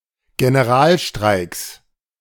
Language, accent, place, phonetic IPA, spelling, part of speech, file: German, Germany, Berlin, [ɡenəˈʁaːlˌʃtʁaɪ̯ks], Generalstreiks, noun, De-Generalstreiks.ogg
- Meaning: 1. plural of Generalstreik 2. genitive singular of Generalstreik